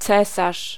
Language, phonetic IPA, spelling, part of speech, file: Polish, [ˈt͡sɛsaʃ], cesarz, noun, Pl-cesarz.ogg